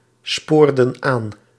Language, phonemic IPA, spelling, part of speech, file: Dutch, /ˈspordə(n) ˈan/, spoorden aan, verb, Nl-spoorden aan.ogg
- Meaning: inflection of aansporen: 1. plural past indicative 2. plural past subjunctive